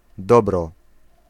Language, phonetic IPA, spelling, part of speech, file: Polish, [ˈdɔbrɔ], dobro, noun, Pl-dobro.ogg